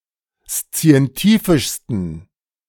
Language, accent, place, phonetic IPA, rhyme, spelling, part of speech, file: German, Germany, Berlin, [st͡si̯ɛnˈtiːfɪʃstn̩], -iːfɪʃstn̩, szientifischsten, adjective, De-szientifischsten.ogg
- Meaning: 1. superlative degree of szientifisch 2. inflection of szientifisch: strong genitive masculine/neuter singular superlative degree